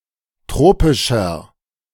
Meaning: 1. comparative degree of tropisch 2. inflection of tropisch: strong/mixed nominative masculine singular 3. inflection of tropisch: strong genitive/dative feminine singular
- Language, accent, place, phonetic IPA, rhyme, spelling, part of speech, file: German, Germany, Berlin, [ˈtʁoːpɪʃɐ], -oːpɪʃɐ, tropischer, adjective, De-tropischer.ogg